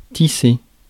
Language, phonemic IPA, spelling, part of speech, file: French, /ti.se/, tisser, verb, Fr-tisser.ogg
- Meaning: to weave, plait, wreathe